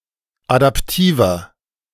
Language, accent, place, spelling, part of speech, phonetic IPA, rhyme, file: German, Germany, Berlin, adaptiver, adjective, [adapˈtiːvɐ], -iːvɐ, De-adaptiver.ogg
- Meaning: 1. comparative degree of adaptiv 2. inflection of adaptiv: strong/mixed nominative masculine singular 3. inflection of adaptiv: strong genitive/dative feminine singular